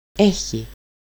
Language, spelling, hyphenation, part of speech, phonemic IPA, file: Greek, έχει, έ‧χει, verb, /ˈe.çi/, El-έχει.ogg
- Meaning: third-person singular present of έχω (écho): "he/she/it has"